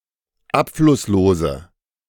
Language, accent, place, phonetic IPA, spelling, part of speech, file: German, Germany, Berlin, [ˈapflʊsˌloːzə], abflusslose, adjective, De-abflusslose.ogg
- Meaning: inflection of abflusslos: 1. strong/mixed nominative/accusative feminine singular 2. strong nominative/accusative plural 3. weak nominative all-gender singular